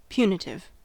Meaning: Inflicting punishment; punishing
- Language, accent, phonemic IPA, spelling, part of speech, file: English, US, /ˈpju.nɪ.tɪv/, punitive, adjective, En-us-punitive.ogg